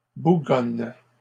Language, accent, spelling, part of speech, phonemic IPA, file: French, Canada, bougonne, verb, /bu.ɡɔn/, LL-Q150 (fra)-bougonne.wav
- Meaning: inflection of bougonner: 1. first/third-person singular present indicative/subjunctive 2. second-person singular imperative